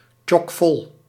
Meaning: chock full, completely full
- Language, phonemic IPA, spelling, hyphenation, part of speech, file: Dutch, /tʃɔkˈfɔl/, tjokvol, tjok‧vol, adverb, Nl-tjokvol.ogg